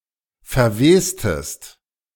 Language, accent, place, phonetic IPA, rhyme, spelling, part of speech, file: German, Germany, Berlin, [fɛɐ̯ˈveːstəst], -eːstəst, verwestest, verb, De-verwestest.ogg
- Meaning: inflection of verwesen: 1. second-person singular preterite 2. second-person singular subjunctive II